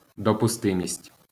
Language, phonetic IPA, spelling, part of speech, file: Ukrainian, [dɔpʊˈstɪmʲisʲtʲ], допустимість, noun, LL-Q8798 (ukr)-допустимість.wav
- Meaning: admissibility, permissibility, allowability, admissibleness, permissibleness, allowableness